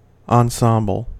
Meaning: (noun) A group of separate things that contribute to a coordinated whole.: A coordinated set of clothing: a set of garments selected to accompany one another
- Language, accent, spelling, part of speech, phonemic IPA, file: English, US, ensemble, noun / verb, /ˌɑnˈsɑm.bəl/, En-us-ensemble.ogg